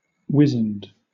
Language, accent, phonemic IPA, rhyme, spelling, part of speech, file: English, Southern England, /ˈwɪzənd/, -ɪzənd, wizened, verb / adjective, LL-Q1860 (eng)-wizened.wav
- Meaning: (verb) simple past and past participle of wizen; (adjective) Withered; lean and wrinkled by shrinkage as from age or illness